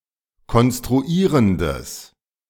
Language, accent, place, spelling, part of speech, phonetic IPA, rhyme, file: German, Germany, Berlin, konstruierendes, adjective, [kɔnstʁuˈiːʁəndəs], -iːʁəndəs, De-konstruierendes.ogg
- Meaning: strong/mixed nominative/accusative neuter singular of konstruierend